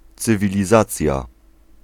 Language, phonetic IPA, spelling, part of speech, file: Polish, [ˌt͡sɨvʲilʲiˈzat͡sʲja], cywilizacja, noun, Pl-cywilizacja.ogg